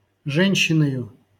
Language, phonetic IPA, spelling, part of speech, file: Russian, [ˈʐɛnʲɕːɪnəjʊ], женщиною, noun, LL-Q7737 (rus)-женщиною.wav
- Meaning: instrumental singular of же́нщина (žénščina)